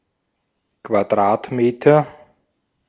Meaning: square metre
- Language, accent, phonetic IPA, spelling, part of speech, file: German, Austria, [kvaˈdʁaːtˌmeːtɐ], Quadratmeter, noun, De-at-Quadratmeter.ogg